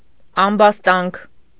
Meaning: accusation
- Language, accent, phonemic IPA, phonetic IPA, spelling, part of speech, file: Armenian, Eastern Armenian, /ɑmbɑsˈtɑnkʰ/, [ɑmbɑstɑ́ŋkʰ], ամբաստանք, noun, Hy-ամբաստանք.ogg